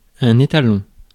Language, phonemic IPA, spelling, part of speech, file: French, /e.ta.lɔ̃/, étalon, noun, Fr-étalon.ogg
- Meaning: 1. stallion (uncastrated male horse) 2. stallion (sexually active man) 3. standard, reference sample (something used as a measure for comparative evaluations)